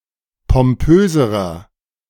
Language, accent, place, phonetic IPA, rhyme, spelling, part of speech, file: German, Germany, Berlin, [pɔmˈpøːzəʁɐ], -øːzəʁɐ, pompöserer, adjective, De-pompöserer.ogg
- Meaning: inflection of pompös: 1. strong/mixed nominative masculine singular comparative degree 2. strong genitive/dative feminine singular comparative degree 3. strong genitive plural comparative degree